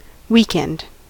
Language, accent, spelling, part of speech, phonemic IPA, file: English, US, weekend, noun / verb / adjective, /ˈwiˌkɛnd/, En-us-weekend.ogg
- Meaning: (noun) The break in the working week, usually two days including the traditional holy or sabbath day. Thus in Western countries, Saturday and Sunday; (verb) To spend the weekend